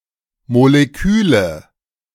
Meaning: nominative/accusative/genitive plural of Molekül
- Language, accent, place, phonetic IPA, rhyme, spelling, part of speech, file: German, Germany, Berlin, [moleˈkyːlə], -yːlə, Moleküle, noun, De-Moleküle.ogg